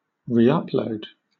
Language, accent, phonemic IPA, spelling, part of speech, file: English, Southern England, /ɹiːˈʌpləʊd/, reupload, noun, LL-Q1860 (eng)-reupload.wav
- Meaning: A second or subsequent upload